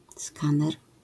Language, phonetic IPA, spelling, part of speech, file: Polish, [ˈskãnɛr], skaner, noun, LL-Q809 (pol)-skaner.wav